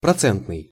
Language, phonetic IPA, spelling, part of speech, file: Russian, [prɐˈt͡sɛntnɨj], процентный, adjective, Ru-процентный.ogg
- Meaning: 1. percentage 2. (bank) interest